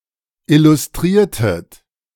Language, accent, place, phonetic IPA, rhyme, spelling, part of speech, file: German, Germany, Berlin, [ˌɪlʊsˈtʁiːɐ̯tət], -iːɐ̯tət, illustriertet, verb, De-illustriertet.ogg
- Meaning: inflection of illustrieren: 1. second-person plural preterite 2. second-person plural subjunctive II